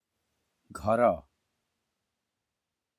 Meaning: 1. house, home 2. shelter 3. family
- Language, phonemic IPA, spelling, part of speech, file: Odia, /ɡʱɔɾɔ/, ଘର, noun, Or-ଘର.flac